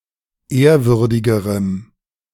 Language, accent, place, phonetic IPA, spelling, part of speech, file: German, Germany, Berlin, [ˈeːɐ̯ˌvʏʁdɪɡəʁəm], ehrwürdigerem, adjective, De-ehrwürdigerem.ogg
- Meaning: strong dative masculine/neuter singular comparative degree of ehrwürdig